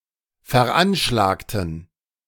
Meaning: inflection of veranschlagen: 1. first/third-person plural preterite 2. first/third-person plural subjunctive II
- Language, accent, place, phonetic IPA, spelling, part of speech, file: German, Germany, Berlin, [fɛɐ̯ˈʔanʃlaːktn̩], veranschlagten, adjective / verb, De-veranschlagten.ogg